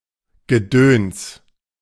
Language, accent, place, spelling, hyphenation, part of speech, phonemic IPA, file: German, Germany, Berlin, Gedöns, Ge‧döns, noun, /ɡəˈdøːns/, De-Gedöns.ogg
- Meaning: 1. fuss, ado, hullabaloo 2. stuff, junk